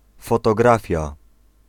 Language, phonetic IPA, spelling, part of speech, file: Polish, [ˌfɔtɔˈɡrafʲja], fotografia, noun, Pl-fotografia.ogg